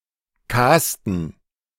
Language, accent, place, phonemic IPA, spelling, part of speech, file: German, Germany, Berlin, /ˈkaːstən/, casten, verb, De-casten.ogg
- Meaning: 1. to audition; to have a casting (evaluate people for a perfoming part) 2. to cast (choose someone for a performing part)